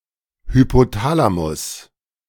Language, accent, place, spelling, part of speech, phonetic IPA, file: German, Germany, Berlin, Hypothalamus, noun, [hypoˈtaːlamʊs], De-Hypothalamus.ogg
- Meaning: hypothalamus